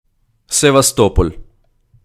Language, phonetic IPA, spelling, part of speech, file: Ukrainian, [seʋɐˈstɔpɔlʲ], Севастополь, proper noun, Uk-Севастополь.ogg
- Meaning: Sevastopol (a port city in Crimea, internationally recognized as part of Ukraine but de facto in Russia)